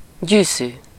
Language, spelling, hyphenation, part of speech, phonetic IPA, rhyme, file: Hungarian, gyűszű, gyű‧szű, noun, [ˈɟyːsyː], -syː, Hu-gyűszű.ogg
- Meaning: thimble